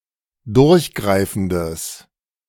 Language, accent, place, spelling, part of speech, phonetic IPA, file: German, Germany, Berlin, durchgreifendes, adjective, [ˈdʊʁçˌɡʁaɪ̯fn̩dəs], De-durchgreifendes.ogg
- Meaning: strong/mixed nominative/accusative neuter singular of durchgreifend